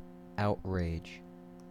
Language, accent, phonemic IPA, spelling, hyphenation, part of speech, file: English, US, /ˈaʊt.ɹeɪd͡ʒ/, outrage, out‧rage, noun / verb, En-us-outrage.ogg
- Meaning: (noun) 1. An excessively violent or vicious attack; an atrocity 2. An offensive, immoral or indecent act 3. The resentful, indignant, or shocked anger aroused by such acts 4. A destructive rampage